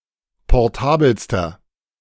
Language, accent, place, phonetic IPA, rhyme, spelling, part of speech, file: German, Germany, Berlin, [pɔʁˈtaːbl̩stɐ], -aːbl̩stɐ, portabelster, adjective, De-portabelster.ogg
- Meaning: inflection of portabel: 1. strong/mixed nominative masculine singular superlative degree 2. strong genitive/dative feminine singular superlative degree 3. strong genitive plural superlative degree